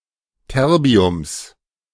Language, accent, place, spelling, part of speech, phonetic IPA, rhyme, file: German, Germany, Berlin, Terbiums, noun, [ˈtɛʁbi̯ʊms], -ɛʁbi̯ʊms, De-Terbiums.ogg
- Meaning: genitive singular of Terbium